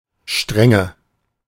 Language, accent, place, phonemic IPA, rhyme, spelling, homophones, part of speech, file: German, Germany, Berlin, /ˈʃtʁɛŋə/, -ɛŋə, Strenge, Stränge, noun, De-Strenge.ogg
- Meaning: strictness, severity